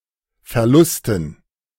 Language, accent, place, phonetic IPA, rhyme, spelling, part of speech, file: German, Germany, Berlin, [fɛɐ̯ˈlʊstn̩], -ʊstn̩, Verlusten, noun, De-Verlusten.ogg
- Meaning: dative plural of Verlust